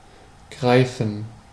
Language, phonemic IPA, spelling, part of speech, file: German, /ˈɡʁaɪ̯fən/, greifen, verb, De-greifen.ogg
- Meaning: 1. to grab; to grasp; to grip (something) 2. to grab; to seize; to snatch (in an aggressive way) 3. to reach; to grab 4. to come into effect 5. to capture (someone) 6. to strike